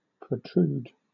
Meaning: 1. To cause (something) to extend above, beyond, or from a boundary or surface; to cause (something) to project or stick out 2. To thrust (someone or something) forward; to drive or force along
- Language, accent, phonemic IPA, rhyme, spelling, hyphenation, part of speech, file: English, Southern England, /pɹəˈtɹuːd/, -uːd, protrude, pro‧trude, verb, LL-Q1860 (eng)-protrude.wav